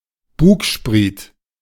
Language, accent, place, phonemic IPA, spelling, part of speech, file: German, Germany, Berlin, /ˈbuːkˌʃpʁiːt/, Bugspriet, noun, De-Bugspriet.ogg
- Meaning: bowsprit